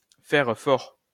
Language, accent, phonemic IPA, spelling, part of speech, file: French, France, /fɛʁ fɔʁ/, faire fort, verb, LL-Q150 (fra)-faire fort.wav
- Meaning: to outdo oneself, to do very well, to perform outstandingly